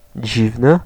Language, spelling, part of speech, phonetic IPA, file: Polish, dziwny, adjective, [ˈd͡ʑivnɨ], Pl-dziwny.ogg